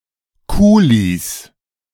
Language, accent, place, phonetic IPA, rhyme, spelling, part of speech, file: German, Germany, Berlin, [ˈkuːlis], -uːlis, Kulis, noun, De-Kulis.ogg
- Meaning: plural of Kuli